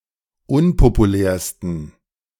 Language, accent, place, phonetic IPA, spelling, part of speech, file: German, Germany, Berlin, [ˈʊnpopuˌlɛːɐ̯stn̩], unpopulärsten, adjective, De-unpopulärsten.ogg
- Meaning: 1. superlative degree of unpopulär 2. inflection of unpopulär: strong genitive masculine/neuter singular superlative degree